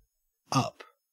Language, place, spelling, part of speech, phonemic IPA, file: English, Queensland, up, adverb / preposition / adjective / noun / verb, /ɐp/, En-au-up.ogg
- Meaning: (adverb) Indicating movement towards or location at a higher place or position.: Away from the surface of the Earth or other planet; in opposite direction to the downward pull of gravity